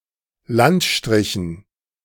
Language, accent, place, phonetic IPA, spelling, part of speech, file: German, Germany, Berlin, [ˈlantˌʃtʁɪçn̩], Landstrichen, noun, De-Landstrichen.ogg
- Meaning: dative plural of Landstrich